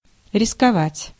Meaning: to risk, to venture, to adventure (to run the risk of)
- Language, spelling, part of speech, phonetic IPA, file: Russian, рисковать, verb, [rʲɪskɐˈvatʲ], Ru-рисковать.ogg